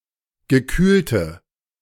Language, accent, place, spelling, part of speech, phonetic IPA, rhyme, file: German, Germany, Berlin, gekühlte, adjective, [ɡəˈkyːltə], -yːltə, De-gekühlte.ogg
- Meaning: inflection of gekühlt: 1. strong/mixed nominative/accusative feminine singular 2. strong nominative/accusative plural 3. weak nominative all-gender singular 4. weak accusative feminine/neuter singular